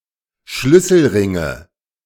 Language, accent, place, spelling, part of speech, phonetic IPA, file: German, Germany, Berlin, Schlüsselringe, noun, [ˈʃlʏsl̩ˌʁɪŋə], De-Schlüsselringe.ogg
- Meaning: nominative/accusative/genitive plural of Schlüsselring